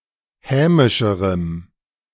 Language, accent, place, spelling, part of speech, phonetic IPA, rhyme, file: German, Germany, Berlin, hämischerem, adjective, [ˈhɛːmɪʃəʁəm], -ɛːmɪʃəʁəm, De-hämischerem.ogg
- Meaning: strong dative masculine/neuter singular comparative degree of hämisch